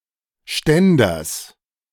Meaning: genitive singular of Ständer
- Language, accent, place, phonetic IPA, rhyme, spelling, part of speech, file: German, Germany, Berlin, [ˈʃtɛndɐs], -ɛndɐs, Ständers, noun, De-Ständers.ogg